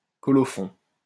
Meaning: 1. colophon, final notice on manuscript 2. colophon, final notice about printer, editor, paper, etc., with bibliophilic information
- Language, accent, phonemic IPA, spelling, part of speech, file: French, France, /kɔ.lɔ.fɔ̃/, colophon, noun, LL-Q150 (fra)-colophon.wav